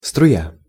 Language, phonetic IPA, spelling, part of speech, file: Russian, [strʊˈja], струя, noun, Ru-струя.ogg
- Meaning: 1. jet, air blast (stream of fluid) 2. spurt, squirt, stream 3. current, efflux, flow